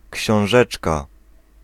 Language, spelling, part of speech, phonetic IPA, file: Polish, książeczka, noun, [cɕɔ̃w̃ˈʒɛt͡ʃka], Pl-książeczka.ogg